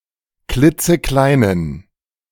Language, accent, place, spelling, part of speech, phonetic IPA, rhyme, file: German, Germany, Berlin, klitzekleinen, adjective, [ˈklɪt͡səˈklaɪ̯nən], -aɪ̯nən, De-klitzekleinen.ogg
- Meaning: inflection of klitzeklein: 1. strong genitive masculine/neuter singular 2. weak/mixed genitive/dative all-gender singular 3. strong/weak/mixed accusative masculine singular 4. strong dative plural